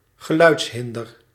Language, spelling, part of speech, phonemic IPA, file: Dutch, geluidshinder, noun, /ɣəˈlœy̯ts.ɦɪn.dər/, Nl-geluidshinder.ogg
- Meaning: noise pollution